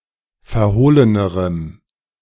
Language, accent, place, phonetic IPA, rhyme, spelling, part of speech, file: German, Germany, Berlin, [fɛɐ̯ˈhoːlənəʁəm], -oːlənəʁəm, verhohlenerem, adjective, De-verhohlenerem.ogg
- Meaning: strong dative masculine/neuter singular comparative degree of verhohlen